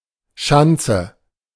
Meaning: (noun) 1. entrenchment, redoubt 2. ramp; jump (an installation, either temporary or permanent, that is driven over quickly (with skis, a bike etc.) so that the driver is propelled into the air)
- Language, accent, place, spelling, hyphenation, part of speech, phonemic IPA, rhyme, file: German, Germany, Berlin, Schanze, Schan‧ze, noun / proper noun, /ˈʃantsə/, -antsə, De-Schanze.ogg